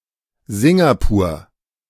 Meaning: Singapore (an island and city-state in Southeast Asia, located off the southernmost tip of the Malay Peninsula; a former British crown colony and state of Malaysia (1963-1965))
- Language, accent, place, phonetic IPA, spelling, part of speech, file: German, Germany, Berlin, [ˈzɪŋɡapuːɐ̯], Singapur, proper noun, De-Singapur.ogg